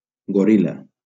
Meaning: gorilla
- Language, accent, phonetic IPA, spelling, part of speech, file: Catalan, Valencia, [ɡoˈɾil.la], goril·la, noun, LL-Q7026 (cat)-goril·la.wav